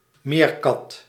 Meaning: a guenon, vervet, talapoin or patas; one of a number of monkeys of the genus Cercopithecus, or of the tribe Cercopithecini
- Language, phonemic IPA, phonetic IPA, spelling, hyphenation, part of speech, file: Dutch, /ˈmeːrˌkɑt/, [ˈmɪːrˌkɑt], meerkat, meer‧kat, noun, Nl-meerkat.ogg